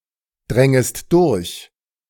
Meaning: second-person singular subjunctive II of durchdringen
- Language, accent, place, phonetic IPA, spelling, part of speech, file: German, Germany, Berlin, [ˌdʁɛŋəst ˈdʊʁç], drängest durch, verb, De-drängest durch.ogg